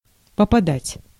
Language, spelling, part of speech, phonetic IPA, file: Russian, попадать, verb, [pəpɐˈdatʲ], Ru-попадать.ogg
- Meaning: 1. to hit (a target) 2. to get (to), to come (upon), to fall (into), to find oneself (in), to hit (upon)